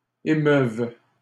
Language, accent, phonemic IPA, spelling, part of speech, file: French, Canada, /e.mœv/, émeuve, verb, LL-Q150 (fra)-émeuve.wav
- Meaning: first/third-person singular imperfect subjunctive of émouvoir